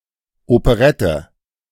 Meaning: operetta
- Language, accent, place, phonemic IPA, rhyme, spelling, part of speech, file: German, Germany, Berlin, /opəˈʀɛtə/, -ɛtə, Operette, noun, De-Operette.ogg